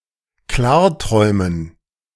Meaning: to lucid dream
- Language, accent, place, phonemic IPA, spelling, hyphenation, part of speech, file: German, Germany, Berlin, /ˈklaːɐ̯ˌtʁɔɪ̯mən/, klarträumen, klar‧träu‧men, verb, De-klarträumen.ogg